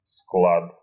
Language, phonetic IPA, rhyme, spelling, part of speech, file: Russian, [skɫat], -at, склад, noun, Ru-склад.ogg
- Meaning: 1. supply, stock 2. warehouse, depot 3. dump 4. way, manner 5. build, body type, physique